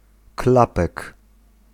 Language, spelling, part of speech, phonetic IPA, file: Polish, klapek, noun, [ˈklapɛk], Pl-klapek.ogg